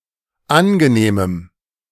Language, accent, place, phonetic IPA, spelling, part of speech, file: German, Germany, Berlin, [ˈanɡəˌneːməm], angenehmem, adjective, De-angenehmem.ogg
- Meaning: strong dative masculine/neuter singular of angenehm